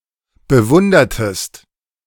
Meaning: inflection of bewundern: 1. second-person singular preterite 2. second-person singular subjunctive II
- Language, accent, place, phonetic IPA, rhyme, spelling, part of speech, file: German, Germany, Berlin, [bəˈvʊndɐtəst], -ʊndɐtəst, bewundertest, verb, De-bewundertest.ogg